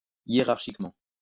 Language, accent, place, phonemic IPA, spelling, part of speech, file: French, France, Lyon, /je.ʁaʁ.ʃik.mɑ̃/, hiérarchiquement, adverb, LL-Q150 (fra)-hiérarchiquement.wav
- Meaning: hierarchically